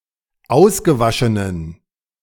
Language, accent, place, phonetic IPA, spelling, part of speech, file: German, Germany, Berlin, [ˈaʊ̯sɡəˌvaʃənən], ausgewaschenen, adjective, De-ausgewaschenen.ogg
- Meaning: inflection of ausgewaschen: 1. strong genitive masculine/neuter singular 2. weak/mixed genitive/dative all-gender singular 3. strong/weak/mixed accusative masculine singular 4. strong dative plural